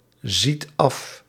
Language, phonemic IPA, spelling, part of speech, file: Dutch, /ˈzit ˈɑf/, ziet af, verb, Nl-ziet af.ogg
- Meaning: inflection of afzien: 1. second/third-person singular present indicative 2. plural imperative